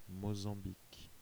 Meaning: Mozambique (a country in East Africa and Southern Africa)
- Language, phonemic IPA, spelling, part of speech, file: French, /mo.zɑ̃.bik/, Mozambique, proper noun, Fr-Mozambique.ogg